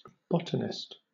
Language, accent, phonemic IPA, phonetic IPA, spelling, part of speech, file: English, Southern England, /ˈbɒt.ən.ɪst/, [ˈbɒt.n̩.ɪst], botanist, noun, LL-Q1860 (eng)-botanist.wav
- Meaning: A person engaged in botany, the scientific study of plants